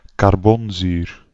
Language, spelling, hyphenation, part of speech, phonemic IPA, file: Dutch, carbonzuur, car‧bon‧zuur, noun, /kɑrˈbɔnˌzyːr/, Nl-carbonzuur.ogg
- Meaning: 1. carboxyl group 2. carboxylic acid